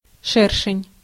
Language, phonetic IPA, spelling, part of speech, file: Russian, [ˈʂɛrʂɨnʲ], шершень, noun, Ru-шершень.ogg
- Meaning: hornet